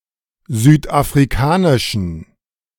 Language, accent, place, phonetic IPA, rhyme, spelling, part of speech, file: German, Germany, Berlin, [ˌzyːtʔafʁiˈkaːnɪʃn̩], -aːnɪʃn̩, südafrikanischen, adjective, De-südafrikanischen.ogg
- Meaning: inflection of südafrikanisch: 1. strong genitive masculine/neuter singular 2. weak/mixed genitive/dative all-gender singular 3. strong/weak/mixed accusative masculine singular 4. strong dative plural